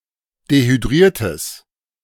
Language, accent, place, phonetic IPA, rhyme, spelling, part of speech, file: German, Germany, Berlin, [dehyˈdʁiːɐ̯təs], -iːɐ̯təs, dehydriertes, adjective, De-dehydriertes.ogg
- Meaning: strong/mixed nominative/accusative neuter singular of dehydriert